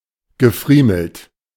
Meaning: past participle of friemeln
- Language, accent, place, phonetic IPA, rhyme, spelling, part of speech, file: German, Germany, Berlin, [ɡəˈfʁiːml̩t], -iːml̩t, gefriemelt, verb, De-gefriemelt.ogg